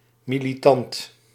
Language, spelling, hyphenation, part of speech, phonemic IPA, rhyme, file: Dutch, militant, mi‧li‧tant, adjective / noun, /ˌmi.liˈtɑnt/, -ɑnt, Nl-militant.ogg
- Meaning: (adjective) militant (belligerent, tending to violence, defensive); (noun) 1. a militant, combatant 2. a devoted supporter, activist